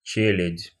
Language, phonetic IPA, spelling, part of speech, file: Russian, [ˈt͡ɕelʲɪtʲ], челядь, noun, Ru-челядь.ogg
- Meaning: servants, menials